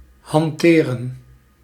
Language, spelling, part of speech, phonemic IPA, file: Dutch, hanteren, verb, /hɑnˈterə(n)/, Nl-hanteren.ogg
- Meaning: 1. to utilize, wield 2. to handle